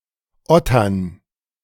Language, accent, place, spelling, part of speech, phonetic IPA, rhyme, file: German, Germany, Berlin, Ottern, noun, [ˈɔtɐn], -ɔtɐn, De-Ottern.ogg
- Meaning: dative plural of Otter